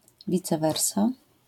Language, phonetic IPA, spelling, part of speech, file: Polish, [ˈvʲit͡sɛ ˈvɛrsa], vice versa, adverbial phrase, LL-Q809 (pol)-vice versa.wav